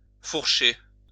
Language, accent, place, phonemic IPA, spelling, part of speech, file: French, France, Lyon, /fuʁ.ʃe/, fourcher, verb, LL-Q150 (fra)-fourcher.wav
- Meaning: 1. to fork 2. to make a slip of the tongue